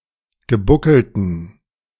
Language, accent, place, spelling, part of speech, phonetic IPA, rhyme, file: German, Germany, Berlin, gebuckelten, adjective, [ɡəˈbʊkl̩tn̩], -ʊkl̩tn̩, De-gebuckelten.ogg
- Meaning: inflection of gebuckelt: 1. strong genitive masculine/neuter singular 2. weak/mixed genitive/dative all-gender singular 3. strong/weak/mixed accusative masculine singular 4. strong dative plural